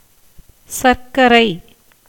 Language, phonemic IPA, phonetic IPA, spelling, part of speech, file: Tamil, /tʃɐɾkːɐɾɐɪ̯/, [sɐɾkːɐɾɐɪ̯], சர்க்கரை, noun, Ta-சர்க்கரை.ogg
- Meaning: 1. sugar 2. short for சர்க்கரை நோய் (carkkarai nōy, “diabetes”) 3. jaggery